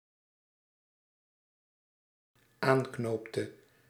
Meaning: inflection of aanknopen: 1. singular dependent-clause past indicative 2. singular dependent-clause past subjunctive
- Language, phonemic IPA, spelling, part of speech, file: Dutch, /ˈaŋknoptə/, aanknoopte, verb, Nl-aanknoopte.ogg